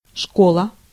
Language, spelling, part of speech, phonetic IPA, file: Russian, школа, noun, [ˈʂkoɫə], Ru-школа.ogg
- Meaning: 1. school 2. schoolhouse 3. academy 4. university